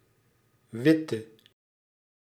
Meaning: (adjective) inflection of wit: 1. masculine/feminine singular attributive 2. definite neuter singular attributive 3. plural attributive; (verb) inflection of witten: singular past indicative
- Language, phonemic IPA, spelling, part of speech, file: Dutch, /ˈʋɪ.tə/, witte, adjective / verb, Nl-witte.ogg